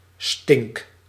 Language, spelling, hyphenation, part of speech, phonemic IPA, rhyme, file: Dutch, stink, stink, verb, /stɪŋk/, -ɪŋk, Nl-stink.ogg
- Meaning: inflection of stinken: 1. first-person singular present indicative 2. second-person singular present indicative 3. imperative